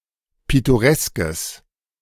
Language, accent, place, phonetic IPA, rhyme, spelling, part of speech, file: German, Germany, Berlin, [ˌpɪtoˈʁɛskəs], -ɛskəs, pittoreskes, adjective, De-pittoreskes.ogg
- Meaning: strong/mixed nominative/accusative neuter singular of pittoresk